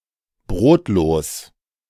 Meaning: 1. breadless 2. inviable, unsustainable, unable to sustain oneself
- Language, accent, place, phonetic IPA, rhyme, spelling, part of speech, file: German, Germany, Berlin, [ˈbʁoːtloːs], -oːtloːs, brotlos, adjective, De-brotlos.ogg